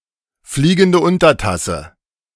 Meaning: flying saucer
- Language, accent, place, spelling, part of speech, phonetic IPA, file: German, Germany, Berlin, fliegende Untertasse, phrase, [ˈfliːɡn̩də ˈʊntɐˌtasə], De-fliegende Untertasse.ogg